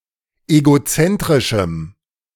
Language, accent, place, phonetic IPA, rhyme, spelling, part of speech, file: German, Germany, Berlin, [eɡoˈt͡sɛntʁɪʃm̩], -ɛntʁɪʃm̩, egozentrischem, adjective, De-egozentrischem.ogg
- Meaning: strong dative masculine/neuter singular of egozentrisch